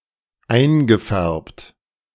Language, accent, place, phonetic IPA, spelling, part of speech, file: German, Germany, Berlin, [ˈaɪ̯nɡəˌfɛʁpt], eingefärbt, verb, De-eingefärbt.ogg
- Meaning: past participle of einfärben